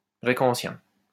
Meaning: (noun) Ancient Greek (language)
- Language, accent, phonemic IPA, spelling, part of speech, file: French, France, /ɡʁɛ.k‿ɑ̃.sjɛ̃/, grec ancien, noun / adjective, LL-Q150 (fra)-grec ancien.wav